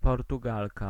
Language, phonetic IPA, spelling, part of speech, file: Polish, [ˌpɔrtuˈɡalka], Portugalka, noun, Pl-Portugalka.ogg